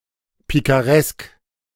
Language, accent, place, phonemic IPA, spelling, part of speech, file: German, Germany, Berlin, /ˌpikaˈʁɛsk/, pikaresk, adjective, De-pikaresk.ogg
- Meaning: picaresque